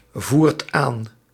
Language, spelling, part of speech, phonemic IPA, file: Dutch, voert aan, verb, /ˈvuːrt ˈan/, Nl-voert aan.ogg
- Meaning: inflection of aanvoeren: 1. second/third-person singular present indicative 2. plural imperative